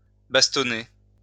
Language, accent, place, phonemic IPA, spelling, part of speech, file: French, France, Lyon, /bas.tɔ.ne/, bastonner, verb, LL-Q150 (fra)-bastonner.wav
- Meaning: 1. to cane; to beat with a stick 2. to pummel, to batter